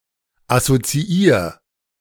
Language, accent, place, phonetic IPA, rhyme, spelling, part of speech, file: German, Germany, Berlin, [asot͡siˈiːɐ̯], -iːɐ̯, assoziier, verb, De-assoziier.ogg
- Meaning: 1. singular imperative of assoziieren 2. first-person singular present of assoziieren